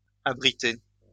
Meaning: masculine plural of abrité
- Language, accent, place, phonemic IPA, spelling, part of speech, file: French, France, Lyon, /a.bʁi.te/, abrités, verb, LL-Q150 (fra)-abrités.wav